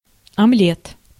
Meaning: 1. omelette 2. blowjob
- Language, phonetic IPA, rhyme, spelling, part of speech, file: Russian, [ɐˈmlʲet], -et, омлет, noun, Ru-омлет.ogg